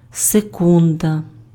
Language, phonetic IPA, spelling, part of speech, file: Ukrainian, [seˈkundɐ], секунда, noun, Uk-секунда.ogg
- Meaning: second (unit of time)